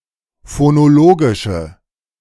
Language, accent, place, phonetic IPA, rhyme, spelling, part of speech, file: German, Germany, Berlin, [fonoˈloːɡɪʃə], -oːɡɪʃə, phonologische, adjective, De-phonologische.ogg
- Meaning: inflection of phonologisch: 1. strong/mixed nominative/accusative feminine singular 2. strong nominative/accusative plural 3. weak nominative all-gender singular